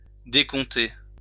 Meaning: 1. to deduct (take one thing from another) 2. to pick out 3. to scrap 4. to give up on (a sick person), to leave for dead
- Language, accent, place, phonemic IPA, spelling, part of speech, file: French, France, Lyon, /de.kɔ̃.te/, décompter, verb, LL-Q150 (fra)-décompter.wav